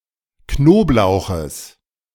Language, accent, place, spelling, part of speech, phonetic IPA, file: German, Germany, Berlin, Knoblauches, noun, [ˈknoːpˌlaʊ̯xəs], De-Knoblauches.ogg
- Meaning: genitive singular of Knoblauch